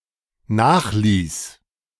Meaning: first/third-person singular dependent preterite of nachlassen
- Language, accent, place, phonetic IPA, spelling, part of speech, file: German, Germany, Berlin, [ˈnaːxˌliːs], nachließ, verb, De-nachließ.ogg